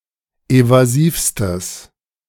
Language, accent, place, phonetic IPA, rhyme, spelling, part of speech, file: German, Germany, Berlin, [ˌevaˈziːfstəs], -iːfstəs, evasivstes, adjective, De-evasivstes.ogg
- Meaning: strong/mixed nominative/accusative neuter singular superlative degree of evasiv